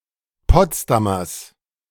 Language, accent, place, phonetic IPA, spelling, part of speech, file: German, Germany, Berlin, [ˈpɔt͡sdamɐs], Potsdamers, noun, De-Potsdamers.ogg
- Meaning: genitive singular of Potsdamer